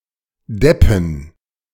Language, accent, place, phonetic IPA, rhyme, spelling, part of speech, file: German, Germany, Berlin, [ˈdɛpn̩], -ɛpn̩, Deppen, noun, De-Deppen.ogg
- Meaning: plural of Depp